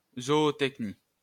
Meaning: zootechny
- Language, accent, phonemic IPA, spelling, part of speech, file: French, France, /zɔ.o.tɛk.ni/, zootechnie, noun, LL-Q150 (fra)-zootechnie.wav